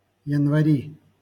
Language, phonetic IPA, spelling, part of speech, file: Russian, [(j)ɪnvɐˈrʲi], январи, noun, LL-Q7737 (rus)-январи.wav
- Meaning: nominative/accusative plural of янва́рь (janvárʹ)